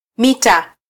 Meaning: metre
- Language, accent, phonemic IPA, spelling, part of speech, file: Swahili, Kenya, /ˈmi.tɑ/, mita, noun, Sw-ke-mita.flac